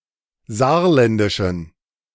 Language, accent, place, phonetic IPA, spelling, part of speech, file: German, Germany, Berlin, [ˈzaːɐ̯ˌlɛndɪʃn̩], saarländischen, adjective, De-saarländischen.ogg
- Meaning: inflection of saarländisch: 1. strong genitive masculine/neuter singular 2. weak/mixed genitive/dative all-gender singular 3. strong/weak/mixed accusative masculine singular 4. strong dative plural